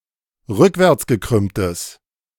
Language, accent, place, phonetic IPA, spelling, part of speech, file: German, Germany, Berlin, [ˈʁʏkvɛʁt͡sɡəˌkʁʏmtəs], rückwärtsgekrümmtes, adjective, De-rückwärtsgekrümmtes.ogg
- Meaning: strong/mixed nominative/accusative neuter singular of rückwärtsgekrümmt